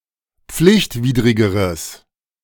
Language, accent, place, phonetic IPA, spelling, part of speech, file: German, Germany, Berlin, [ˈp͡flɪçtˌviːdʁɪɡəʁəs], pflichtwidrigeres, adjective, De-pflichtwidrigeres.ogg
- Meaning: strong/mixed nominative/accusative neuter singular comparative degree of pflichtwidrig